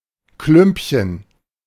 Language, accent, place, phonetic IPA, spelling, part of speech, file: German, Germany, Berlin, [ˈklʏmpçən], Klümpchen, noun, De-Klümpchen.ogg
- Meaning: 1. diminutive of Klumpen: a small lump, blob, globule, nodule 2. a hard candy